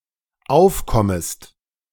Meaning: second-person singular dependent subjunctive I of aufkommen
- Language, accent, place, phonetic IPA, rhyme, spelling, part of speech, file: German, Germany, Berlin, [ˈaʊ̯fˌkɔməst], -aʊ̯fkɔməst, aufkommest, verb, De-aufkommest.ogg